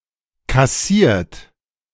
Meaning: 1. past participle of kassieren 2. inflection of kassieren: third-person singular present 3. inflection of kassieren: second-person plural present 4. inflection of kassieren: plural imperative
- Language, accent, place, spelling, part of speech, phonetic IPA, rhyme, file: German, Germany, Berlin, kassiert, verb, [kaˈsiːɐ̯t], -iːɐ̯t, De-kassiert.ogg